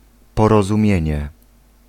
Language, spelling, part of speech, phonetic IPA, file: Polish, porozumienie, noun, [ˌpɔrɔzũˈmʲjɛ̇̃ɲɛ], Pl-porozumienie.ogg